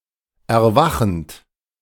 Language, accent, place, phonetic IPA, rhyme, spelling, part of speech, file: German, Germany, Berlin, [ɛɐ̯ˈvaxn̩t], -axn̩t, erwachend, verb, De-erwachend.ogg
- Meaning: present participle of erwachen